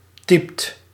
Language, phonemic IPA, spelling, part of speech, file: Dutch, /tɛɪ̯pt/, typt, verb, Nl-typt.ogg
- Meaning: inflection of typen: 1. second/third-person singular present indicative 2. plural imperative